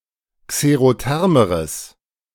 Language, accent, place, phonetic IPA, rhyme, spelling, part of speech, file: German, Germany, Berlin, [kseʁoˈtɛʁməʁəs], -ɛʁməʁəs, xerothermeres, adjective, De-xerothermeres.ogg
- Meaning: strong/mixed nominative/accusative neuter singular comparative degree of xerotherm